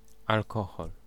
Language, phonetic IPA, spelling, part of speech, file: Polish, [alˈkɔxɔl], alkohol, noun, Pl-alkohol.ogg